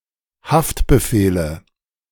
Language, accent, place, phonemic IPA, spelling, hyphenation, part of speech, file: German, Germany, Berlin, /ˈhaftbəˌfeːlə/, Haftbefehle, Haft‧be‧feh‧le, noun, De-Haftbefehle.ogg
- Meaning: 1. nominative/accusative/genitive plural of Haftbefehl 2. dative singular of Haftbefehl